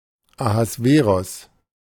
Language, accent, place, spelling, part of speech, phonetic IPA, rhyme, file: German, Germany, Berlin, Ahasveros, proper noun, [ahasˈveːʁɔs], -eːʁɔs, De-Ahasveros.ogg
- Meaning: Ahasuerus (biblical king of Persia)